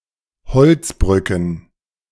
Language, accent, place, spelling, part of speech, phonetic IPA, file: German, Germany, Berlin, beziffret, verb, [bəˈt͡sɪfʁət], De-beziffret.ogg
- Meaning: second-person plural subjunctive I of beziffern